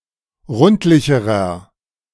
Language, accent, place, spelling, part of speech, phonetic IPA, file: German, Germany, Berlin, rundlicherer, adjective, [ˈʁʊntlɪçəʁɐ], De-rundlicherer.ogg
- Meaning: inflection of rundlich: 1. strong/mixed nominative masculine singular comparative degree 2. strong genitive/dative feminine singular comparative degree 3. strong genitive plural comparative degree